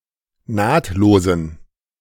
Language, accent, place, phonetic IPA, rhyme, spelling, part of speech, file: German, Germany, Berlin, [ˈnaːtloːzn̩], -aːtloːzn̩, nahtlosen, adjective, De-nahtlosen.ogg
- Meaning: inflection of nahtlos: 1. strong genitive masculine/neuter singular 2. weak/mixed genitive/dative all-gender singular 3. strong/weak/mixed accusative masculine singular 4. strong dative plural